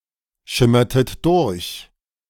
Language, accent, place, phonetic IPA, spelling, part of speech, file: German, Germany, Berlin, [ˌʃɪmɐtət ˈdʊʁç], schimmertet durch, verb, De-schimmertet durch.ogg
- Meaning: inflection of durchschimmern: 1. second-person plural preterite 2. second-person plural subjunctive II